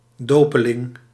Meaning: a baptizand (US) or baptisand (Commonwealth); someone who is to be baptised soon or who is being baptised
- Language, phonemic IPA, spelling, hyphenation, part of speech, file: Dutch, /ˈdoː.pəˌlɪŋ/, dopeling, do‧pe‧ling, noun, Nl-dopeling.ogg